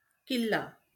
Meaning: 1. fort 2. castle
- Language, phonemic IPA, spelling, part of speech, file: Marathi, /kil.la/, किल्ला, noun, LL-Q1571 (mar)-किल्ला.wav